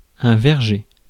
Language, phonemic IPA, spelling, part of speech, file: French, /vɛʁ.ʒe/, verger, noun, Fr-verger.ogg
- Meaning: orchard